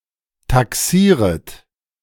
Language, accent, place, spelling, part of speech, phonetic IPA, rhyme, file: German, Germany, Berlin, taxieret, verb, [taˈksiːʁət], -iːʁət, De-taxieret.ogg
- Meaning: second-person plural subjunctive I of taxieren